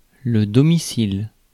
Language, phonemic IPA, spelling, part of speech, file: French, /dɔ.mi.sil/, domicile, noun, Fr-domicile.ogg
- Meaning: domicile